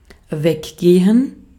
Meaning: to go away, leave, scram
- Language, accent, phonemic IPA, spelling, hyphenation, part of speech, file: German, Austria, /ˈvɛkɡeːən/, weggehen, weg‧ge‧hen, verb, De-at-weggehen.ogg